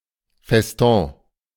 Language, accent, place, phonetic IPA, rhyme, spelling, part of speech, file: German, Germany, Berlin, [fɛsˈtɔ̃ː], -ɔ̃ː, Feston, noun, De-Feston.ogg
- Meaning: 1. festoon 2. festoon (ornament)